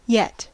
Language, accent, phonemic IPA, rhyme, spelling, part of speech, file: English, US, /jɛt/, -ɛt, yet, adverb / conjunction / verb / noun, En-us-yet.ogg
- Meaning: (adverb) Thus far; up to the present; up to some unspecified time.: In negative or interrogative use, often with an expectation or potential of something happening in the future